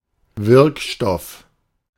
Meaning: active ingredient
- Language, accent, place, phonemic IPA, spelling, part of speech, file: German, Germany, Berlin, /ˈvɪʁkˌʃtɔf/, Wirkstoff, noun, De-Wirkstoff.ogg